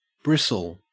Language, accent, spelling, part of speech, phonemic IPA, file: English, Australia, Bristle, proper noun, /ˈbɹɪs.ɫ/, En-au-Bristle.ogg
- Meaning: Bristol, England (in imitation of the local dialect)